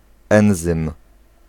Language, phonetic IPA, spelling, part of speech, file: Polish, [ˈɛ̃w̃zɨ̃m], enzym, noun, Pl-enzym.ogg